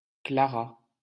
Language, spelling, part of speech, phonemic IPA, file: French, Clara, proper noun, /kla.ʁa/, LL-Q150 (fra)-Clara.wav
- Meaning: a female given name